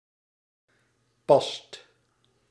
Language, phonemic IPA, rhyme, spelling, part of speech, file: Dutch, /pɑst/, -ɑst, past, verb, Nl-past.ogg
- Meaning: inflection of passen: 1. second/third-person singular present indicative 2. plural imperative